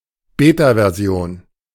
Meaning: beta version
- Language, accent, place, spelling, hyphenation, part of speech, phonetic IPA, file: German, Germany, Berlin, Beta-Version, Be‧ta-‧Ver‧si‧on, noun, [ˈbetavɛɐ̯ˈzi̯oːn], De-Beta-Version.ogg